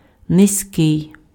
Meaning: 1. low 2. deep 3. short (of a person)
- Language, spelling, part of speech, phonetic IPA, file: Ukrainian, низький, adjective, [nezʲˈkɪi̯], Uk-низький.ogg